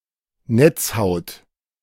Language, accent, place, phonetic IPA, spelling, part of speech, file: German, Germany, Berlin, [ˈnɛt͡sˌhaʊ̯t], Netzhaut, noun, De-Netzhaut.ogg
- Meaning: retina